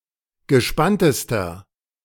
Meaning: inflection of gespannt: 1. strong/mixed nominative masculine singular superlative degree 2. strong genitive/dative feminine singular superlative degree 3. strong genitive plural superlative degree
- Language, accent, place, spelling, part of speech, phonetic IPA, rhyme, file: German, Germany, Berlin, gespanntester, adjective, [ɡəˈʃpantəstɐ], -antəstɐ, De-gespanntester.ogg